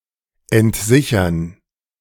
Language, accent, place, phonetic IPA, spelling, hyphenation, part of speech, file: German, Germany, Berlin, [ɛntˈzɪçɐn], entsichern, ent‧si‧chern, verb, De-entsichern.ogg
- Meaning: to release the safety